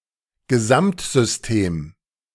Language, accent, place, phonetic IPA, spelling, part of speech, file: German, Germany, Berlin, [ɡəˈzamtzʏsˌteːm], Gesamtsystem, noun, De-Gesamtsystem.ogg
- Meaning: total or overall system